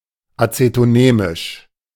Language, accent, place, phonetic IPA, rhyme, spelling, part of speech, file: German, Germany, Berlin, [ˌat͡setoˈnɛːmɪʃ], -ɛːmɪʃ, azetonämisch, adjective, De-azetonämisch.ogg
- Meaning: alternative form of acetonämisch